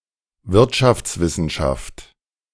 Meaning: economics (study)
- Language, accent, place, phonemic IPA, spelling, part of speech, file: German, Germany, Berlin, /ˈvɪʁtʃaftsˌvɪsənʃaft/, Wirtschaftswissenschaft, noun, De-Wirtschaftswissenschaft.ogg